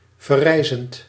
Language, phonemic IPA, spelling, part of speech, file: Dutch, /vɛˈrɛɪzənt/, verrijzend, verb, Nl-verrijzend.ogg
- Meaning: present participle of verrijzen